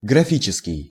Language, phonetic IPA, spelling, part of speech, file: Russian, [ɡrɐˈfʲit͡ɕɪskʲɪj], графический, adjective, Ru-графический.ogg
- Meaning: graphic, graphical